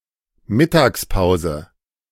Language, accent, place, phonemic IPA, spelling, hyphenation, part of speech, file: German, Germany, Berlin, /ˈmɪtaːksˌpaʊ̯zə/, Mittagspause, Mit‧tags‧pau‧se, noun, De-Mittagspause.ogg
- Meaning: lunchbreak, lunch hour (A break at work for having lunch, usually at a fixed time around noon and unpaid.)